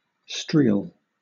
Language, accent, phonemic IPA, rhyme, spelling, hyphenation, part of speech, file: English, Southern England, /ˈstɹiːl/, -iːl, streel, streel, noun / verb, LL-Q1860 (eng)-streel.wav
- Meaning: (noun) A disreputable woman, a slut; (verb) To trail along; to saunter or be drawn along, carelessly, swaying in a kind of zigzag motion